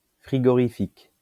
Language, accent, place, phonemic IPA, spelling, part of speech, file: French, France, Lyon, /fʁi.ɡɔ.ʁi.fik/, frigorifique, adjective, LL-Q150 (fra)-frigorifique.wav
- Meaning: refrigerating, cooling